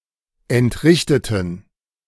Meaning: inflection of entrichten: 1. first/third-person plural preterite 2. first/third-person plural subjunctive II
- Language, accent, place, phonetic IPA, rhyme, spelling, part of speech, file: German, Germany, Berlin, [ɛntˈʁɪçtətn̩], -ɪçtətn̩, entrichteten, adjective / verb, De-entrichteten.ogg